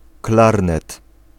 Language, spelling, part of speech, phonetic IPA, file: Polish, klarnet, noun, [ˈklarnɛt], Pl-klarnet.ogg